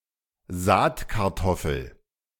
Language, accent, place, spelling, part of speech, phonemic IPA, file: German, Germany, Berlin, Saatkartoffel, noun, /ˈzaːtkaʁˌtɔfəl/, De-Saatkartoffel.ogg
- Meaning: seed potato